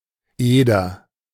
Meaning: 1. a surname 2. a river in Germany
- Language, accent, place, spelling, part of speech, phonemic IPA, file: German, Germany, Berlin, Eder, proper noun, /ˈeːdɐ/, De-Eder.ogg